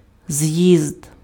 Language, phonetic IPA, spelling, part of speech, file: Ukrainian, [zjizd], з'їзд, noun, Uk-з'їзд.ogg
- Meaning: congress